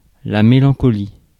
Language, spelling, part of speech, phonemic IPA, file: French, mélancolie, noun, /me.lɑ̃.kɔ.li/, Fr-mélancolie.ogg